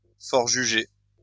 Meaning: to strip somebody of a right, a property, by legal sentence, to dispossess
- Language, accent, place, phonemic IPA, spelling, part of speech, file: French, France, Lyon, /fɔʁ.ʒy.ʒe/, forjuger, verb, LL-Q150 (fra)-forjuger.wav